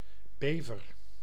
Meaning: 1. beaver (rodent of the genus Castor) 2. European beaver (Castor fiber)
- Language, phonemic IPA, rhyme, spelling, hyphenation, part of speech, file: Dutch, /ˈbeː.vər/, -eːvər, bever, be‧ver, noun, Nl-bever.ogg